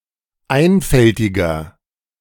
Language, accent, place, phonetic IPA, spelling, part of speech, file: German, Germany, Berlin, [ˈaɪ̯nfɛltɪɡɐ], einfältiger, adjective, De-einfältiger.ogg
- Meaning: inflection of einfältig: 1. strong/mixed nominative masculine singular 2. strong genitive/dative feminine singular 3. strong genitive plural